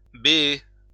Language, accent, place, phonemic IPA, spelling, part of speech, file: French, France, Lyon, /be.e/, béer, verb, LL-Q150 (fra)-béer.wav
- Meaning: 1. to gape, yawn 2. to be wide open